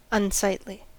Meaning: Displeasing to the eye
- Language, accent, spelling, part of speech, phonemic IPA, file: English, US, unsightly, adjective, /ʌnˈsaɪtli/, En-us-unsightly.ogg